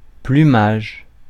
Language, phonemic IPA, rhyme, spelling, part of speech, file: French, /ply.maʒ/, -aʒ, plumage, noun, Fr-plumage.ogg
- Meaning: plumage (a bird's feathers, collectively speaking)